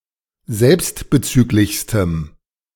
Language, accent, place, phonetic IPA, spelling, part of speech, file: German, Germany, Berlin, [ˈzɛlpstbəˌt͡syːklɪçstəm], selbstbezüglichstem, adjective, De-selbstbezüglichstem.ogg
- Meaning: strong dative masculine/neuter singular superlative degree of selbstbezüglich